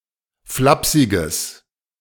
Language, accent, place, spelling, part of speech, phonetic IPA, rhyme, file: German, Germany, Berlin, flapsiges, adjective, [ˈflapsɪɡəs], -apsɪɡəs, De-flapsiges.ogg
- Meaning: strong/mixed nominative/accusative neuter singular of flapsig